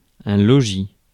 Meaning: dwelling, abode; house, home
- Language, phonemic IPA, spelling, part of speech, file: French, /lɔ.ʒi/, logis, noun, Fr-logis.ogg